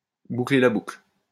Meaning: to come full circle
- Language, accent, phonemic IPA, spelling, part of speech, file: French, France, /bu.kle la bukl/, boucler la boucle, verb, LL-Q150 (fra)-boucler la boucle.wav